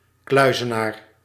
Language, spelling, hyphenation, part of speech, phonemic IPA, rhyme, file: Dutch, kluizenaar, klui‧ze‧naar, noun, /ˈklœy̯.zəˌnaːr/, -aːr, Nl-kluizenaar.ogg
- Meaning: 1. a hermit 2. anybody living in isolation from society, a recluse, a shut-in